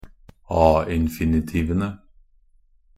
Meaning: definite plural of a-infinitiv (“a-infinitive”)
- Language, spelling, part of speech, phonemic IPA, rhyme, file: Norwegian Bokmål, a-infinitivene, noun, /ɑː.ɪn.fɪ.nɪˈtiːʋənə/, -iːʋənə, Nb-a-infinitivene.ogg